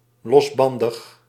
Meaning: licentious, dissolute
- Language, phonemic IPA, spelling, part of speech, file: Dutch, /lɔzˈbɑndəx/, losbandig, adjective, Nl-losbandig.ogg